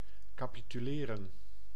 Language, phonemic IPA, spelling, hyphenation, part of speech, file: Dutch, /kaːpityˈleːrə(n)/, capituleren, ca‧pi‧tu‧le‧ren, verb, Nl-capituleren.ogg
- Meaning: to capitulate, to surrender